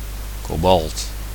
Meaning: 1. the metallic element and material cobalt 2. the die made from its oxyde 3. its bluish metallic color shade
- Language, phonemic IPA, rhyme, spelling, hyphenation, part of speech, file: Dutch, /koːˈbɑlt/, -ɑlt, kobalt, ko‧balt, noun, Nl-kobalt.ogg